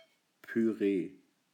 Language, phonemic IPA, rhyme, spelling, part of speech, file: German, /pyˈʁeː/, -eː, Püree, noun, De-Püree.ogg
- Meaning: puree